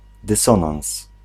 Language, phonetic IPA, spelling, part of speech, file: Polish, [dɨˈsɔ̃nãw̃s], dysonans, noun, Pl-dysonans.ogg